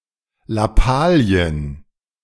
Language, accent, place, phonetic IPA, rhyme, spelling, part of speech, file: German, Germany, Berlin, [laˈpaːli̯ən], -aːli̯ən, Lappalien, noun, De-Lappalien.ogg
- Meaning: plural of Lappalie